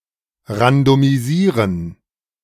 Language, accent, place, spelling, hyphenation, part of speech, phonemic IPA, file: German, Germany, Berlin, randomisieren, ran‧do‧mi‧sie‧ren, verb, /ʁandɔmiˈziːʁən/, De-randomisieren.ogg
- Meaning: to randomize